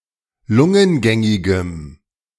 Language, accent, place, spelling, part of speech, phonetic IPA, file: German, Germany, Berlin, lungengängigem, adjective, [ˈlʊŋənˌɡɛŋɪɡəm], De-lungengängigem.ogg
- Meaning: strong dative masculine/neuter singular of lungengängig